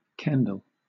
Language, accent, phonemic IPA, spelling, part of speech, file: English, Southern England, /ˈkɛndəl/, Kendal, proper noun, LL-Q1860 (eng)-Kendal.wav
- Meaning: A town and civil parish with a town council in Westmorland and Furness, Cumbria, England, previously in South Lakeland district (OS grid ref SD5192)